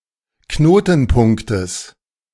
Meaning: genitive singular of Knotenpunkt
- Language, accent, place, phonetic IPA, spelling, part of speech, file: German, Germany, Berlin, [ˈknoːtn̩ˌpʊŋktəs], Knotenpunktes, noun, De-Knotenpunktes.ogg